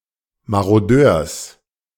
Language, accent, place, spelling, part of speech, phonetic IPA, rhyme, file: German, Germany, Berlin, Marodeurs, noun, [maʁoˈdøːɐ̯s], -øːɐ̯s, De-Marodeurs.ogg
- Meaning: genitive singular of Marodeur